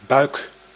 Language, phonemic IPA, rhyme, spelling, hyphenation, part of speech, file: Dutch, /bœy̯k/, -œy̯k, buik, buik, noun, Nl-buik.ogg
- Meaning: 1. belly 2. paunch (referring euphemistically to a protrusive belly) 3. the lowest inner part of a ship's hull, where water accumulates